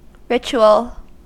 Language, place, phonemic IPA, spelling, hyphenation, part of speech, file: English, California, /ˈɹɪt͡ʃ.u.əl/, ritual, ri‧tu‧al, adjective / noun, En-us-ritual.ogg
- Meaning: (adjective) Related to a rite or repeated set of actions; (noun) A rite; a repeated set of actions, especially in religious contexts (that is, a service)